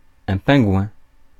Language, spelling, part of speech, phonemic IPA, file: French, pingouin, noun, /pɛ̃.ɡwɛ̃/, Fr-pingouin.ogg
- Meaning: 1. auk, razorbill (Arctic sea bird from the Alcidae family) 2. penguin 3. Spaniard